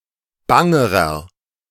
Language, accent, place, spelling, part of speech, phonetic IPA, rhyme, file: German, Germany, Berlin, bangerer, adjective, [ˈbaŋəʁɐ], -aŋəʁɐ, De-bangerer.ogg
- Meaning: inflection of bang: 1. strong/mixed nominative masculine singular comparative degree 2. strong genitive/dative feminine singular comparative degree 3. strong genitive plural comparative degree